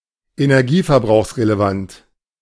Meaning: relevant to energy consumption
- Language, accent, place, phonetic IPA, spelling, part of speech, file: German, Germany, Berlin, [enɛʁˈɡiːfɛɐ̯bʁaʊ̯xsʁeleˌvant], energieverbrauchsrelevant, adjective, De-energieverbrauchsrelevant.ogg